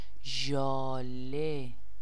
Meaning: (noun) 1. hoarfrost 2. dew 3. hail; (proper noun) a female given name, Jaleh and Zhaleh
- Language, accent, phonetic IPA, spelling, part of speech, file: Persian, Iran, [ʒɒː.lé], ژاله, noun / proper noun, Fa-ژاله.ogg